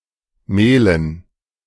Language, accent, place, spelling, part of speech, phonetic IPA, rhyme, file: German, Germany, Berlin, Mehlen, noun, [ˈmeːlən], -eːlən, De-Mehlen.ogg
- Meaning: dative plural of Mehl